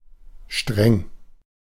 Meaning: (adjective) 1. strict, rigorous 2. severe, intense 3. pungent, strong and unpleasant; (adverb) strictly, very much
- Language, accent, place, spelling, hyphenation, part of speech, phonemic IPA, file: German, Germany, Berlin, streng, streng, adjective / adverb, /ʃtʁɛŋ/, De-streng.ogg